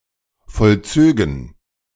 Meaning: first-person plural subjunctive II of vollziehen
- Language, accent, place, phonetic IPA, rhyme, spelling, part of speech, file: German, Germany, Berlin, [fɔlˈt͡søːɡn̩], -øːɡn̩, vollzögen, verb, De-vollzögen.ogg